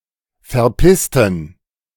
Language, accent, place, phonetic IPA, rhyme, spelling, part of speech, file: German, Germany, Berlin, [fɛɐ̯ˈpɪstn̩], -ɪstn̩, verpissten, adjective / verb, De-verpissten.ogg
- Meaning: inflection of verpissen: 1. first/third-person plural preterite 2. first/third-person plural subjunctive II